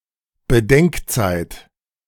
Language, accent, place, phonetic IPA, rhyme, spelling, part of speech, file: German, Germany, Berlin, [bəˈdɛŋkˌt͡saɪ̯t], -ɛŋkt͡saɪ̯t, Bedenkzeit, noun, De-Bedenkzeit.ogg
- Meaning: time for consideration